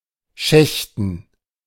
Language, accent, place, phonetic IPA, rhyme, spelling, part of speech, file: German, Germany, Berlin, [ˈʃɛçtn̩], -ɛçtn̩, Schächten, noun, De-Schächten.ogg
- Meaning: dative plural of Schacht